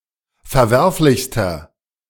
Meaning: inflection of verwerflich: 1. strong/mixed nominative masculine singular superlative degree 2. strong genitive/dative feminine singular superlative degree 3. strong genitive plural superlative degree
- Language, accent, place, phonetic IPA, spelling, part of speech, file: German, Germany, Berlin, [fɛɐ̯ˈvɛʁflɪçstɐ], verwerflichster, adjective, De-verwerflichster.ogg